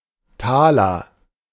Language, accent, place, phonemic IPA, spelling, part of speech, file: German, Germany, Berlin, /ˈtaːlɐ/, Taler, noun, De-Taler.ogg
- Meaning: taler (former unit of currency)